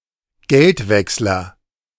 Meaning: 1. money changer 2. change machine that changes (or exchanges) money
- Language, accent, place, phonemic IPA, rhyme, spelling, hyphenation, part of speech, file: German, Germany, Berlin, /ˈɡɛltˌvɛkslɐ/, -ɛkslɐ, Geldwechsler, Geld‧wechs‧ler, noun, De-Geldwechsler.ogg